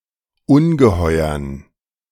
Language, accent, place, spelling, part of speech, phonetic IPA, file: German, Germany, Berlin, Ungeheuern, noun, [ˈʊnɡəˌhɔɪ̯ɐn], De-Ungeheuern.ogg
- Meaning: dative plural of Ungeheuer